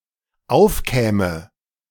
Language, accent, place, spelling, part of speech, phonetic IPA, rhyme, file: German, Germany, Berlin, aufkäme, verb, [ˈaʊ̯fˌkɛːmə], -aʊ̯fkɛːmə, De-aufkäme.ogg
- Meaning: first/third-person singular dependent subjunctive II of aufkommen